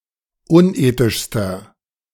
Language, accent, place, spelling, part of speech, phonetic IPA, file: German, Germany, Berlin, unethischster, adjective, [ˈʊnˌʔeːtɪʃstɐ], De-unethischster.ogg
- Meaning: inflection of unethisch: 1. strong/mixed nominative masculine singular superlative degree 2. strong genitive/dative feminine singular superlative degree 3. strong genitive plural superlative degree